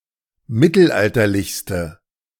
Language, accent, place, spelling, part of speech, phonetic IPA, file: German, Germany, Berlin, mittelalterlichste, adjective, [ˈmɪtl̩ˌʔaltɐlɪçstə], De-mittelalterlichste.ogg
- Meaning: inflection of mittelalterlich: 1. strong/mixed nominative/accusative feminine singular superlative degree 2. strong nominative/accusative plural superlative degree